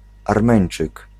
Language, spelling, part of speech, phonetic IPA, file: Polish, Armeńczyk, noun, [arˈmɛ̃j̃n͇t͡ʃɨk], Pl-Armeńczyk.ogg